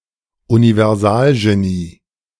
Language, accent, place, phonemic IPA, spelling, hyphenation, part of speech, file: German, Germany, Berlin, /univɛʁˈzaːlʒeˌniː/, Universalgenie, Uni‧ver‧sal‧ge‧nie, noun, De-Universalgenie.ogg
- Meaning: polymath